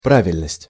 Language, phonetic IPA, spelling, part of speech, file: Russian, [ˈpravʲɪlʲnəsʲtʲ], правильность, noun, Ru-правильность.ogg
- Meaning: 1. rightness, correctness 2. regularity